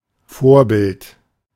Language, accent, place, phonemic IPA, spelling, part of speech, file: German, Germany, Berlin, /ˈfoːɐ̯ˌbɪlt/, Vorbild, noun, De-Vorbild.ogg
- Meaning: 1. model; exemplar (praiseworthy example) 2. role model